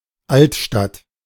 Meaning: historic city center, old town
- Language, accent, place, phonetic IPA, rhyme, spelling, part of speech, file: German, Germany, Berlin, [ˈaltˌʃtat], -altʃtat, Altstadt, noun / proper noun, De-Altstadt.ogg